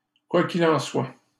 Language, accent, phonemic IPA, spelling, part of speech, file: French, Canada, /kwa k‿i.l‿ɑ̃ swa/, quoi qu'il en soit, adverb, LL-Q150 (fra)-quoi qu'il en soit.wav
- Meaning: be that as it may, at any rate, in any case, howbeit, anyway, anyhow